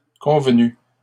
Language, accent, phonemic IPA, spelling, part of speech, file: French, Canada, /kɔ̃v.ny/, convenues, verb, LL-Q150 (fra)-convenues.wav
- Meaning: feminine plural of convenu